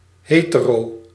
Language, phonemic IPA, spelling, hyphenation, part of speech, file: Dutch, /ˈɦeː.təˌroː/, hetero, he‧te‧ro, noun, Nl-hetero.ogg
- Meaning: a heterosexual, a hetero